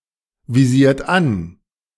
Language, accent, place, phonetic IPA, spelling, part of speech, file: German, Germany, Berlin, [viˌziːɐ̯t ˈan], visiert an, verb, De-visiert an.ogg
- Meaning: inflection of anvisieren: 1. third-person singular present 2. second-person plural present 3. plural imperative